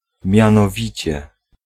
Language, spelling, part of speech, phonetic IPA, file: Polish, mianowicie, conjunction / adverb, [ˌmʲjãnɔˈvʲit͡ɕɛ], Pl-mianowicie.ogg